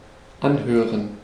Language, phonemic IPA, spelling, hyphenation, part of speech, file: German, /ˈʔanˌhøːʁən/, anhören, an‧hö‧ren, verb, De-anhören.ogg
- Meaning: 1. to listen to the end, to hear out 2. to listen to something 3. to notice, to be able to tell (a quality based on someone's speech); to be apparent (with subject and object switched) 4. to sound